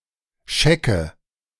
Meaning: 1. pinto 2. any animal with light and dark patches
- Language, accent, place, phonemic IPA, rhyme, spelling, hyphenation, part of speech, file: German, Germany, Berlin, /ˈʃɛkə/, -ɛkə, Schecke, Sche‧cke, noun, De-Schecke.ogg